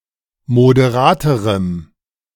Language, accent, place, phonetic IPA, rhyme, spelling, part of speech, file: German, Germany, Berlin, [modeˈʁaːtəʁəm], -aːtəʁəm, moderaterem, adjective, De-moderaterem.ogg
- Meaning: strong dative masculine/neuter singular comparative degree of moderat